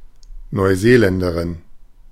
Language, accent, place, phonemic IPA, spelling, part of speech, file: German, Germany, Berlin, /nɔɪˈzeːˌlɛndɐʁɪn/, Neuseeländerin, noun, De-Neuseeländerin.ogg
- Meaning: New Zealander (female) (woman or girl from New Zealand or of New Zealand descent)